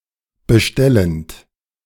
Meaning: present participle of bestellen
- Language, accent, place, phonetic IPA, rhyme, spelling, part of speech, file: German, Germany, Berlin, [bəˈʃtɛlənt], -ɛlənt, bestellend, verb, De-bestellend.ogg